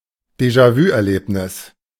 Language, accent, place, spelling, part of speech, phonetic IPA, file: German, Germany, Berlin, Déjà-vu-Erlebnis, noun, [deʒaˈvyːʔɛɐ̯ˌleːpnɪs], De-Déjà-vu-Erlebnis.ogg
- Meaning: déjà vu